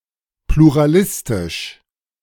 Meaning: pluralistic
- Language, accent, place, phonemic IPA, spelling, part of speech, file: German, Germany, Berlin, /pluʁaˈlɪstɪʃ/, pluralistisch, adjective, De-pluralistisch.ogg